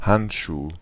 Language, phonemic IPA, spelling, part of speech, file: German, /ˈhantʃuː/, Handschuh, noun, De-Handschuh.ogg
- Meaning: any handwear; glove, mitten, mitt, gauntlet